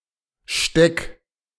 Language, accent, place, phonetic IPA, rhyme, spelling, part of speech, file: German, Germany, Berlin, [ʃtɛk], -ɛk, steck, verb, De-steck.ogg
- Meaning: 1. singular imperative of stecken 2. first-person singular present of stecken